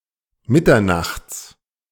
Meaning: at midnight
- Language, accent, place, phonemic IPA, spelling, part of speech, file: German, Germany, Berlin, /ˈmɪtɐnaχts/, mitternachts, adverb, De-mitternachts.ogg